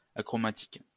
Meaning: achromatic
- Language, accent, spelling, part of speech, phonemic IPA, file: French, France, achromatique, adjective, /a.kʁɔ.ma.tik/, LL-Q150 (fra)-achromatique.wav